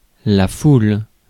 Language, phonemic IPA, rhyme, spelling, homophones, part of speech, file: French, /ful/, -ul, foule, foulent / foules, noun / verb, Fr-foule.ogg
- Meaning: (noun) 1. crowd 2. the thronging of a crowd 3. a great number, multitude, mass; host 4. the act or process of treading or milling 5. oppression, vexation